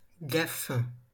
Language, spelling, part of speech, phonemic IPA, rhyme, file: French, gaffe, noun, /ɡaf/, -af, LL-Q150 (fra)-gaffe.wav
- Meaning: 1. gaffe, blunder, goof-up (North American), cock-up (British) 2. boathook